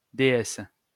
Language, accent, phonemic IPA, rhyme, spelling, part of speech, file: French, France, /de.ɛs/, -ɛs, déesse, noun, LL-Q150 (fra)-déesse.wav
- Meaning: goddess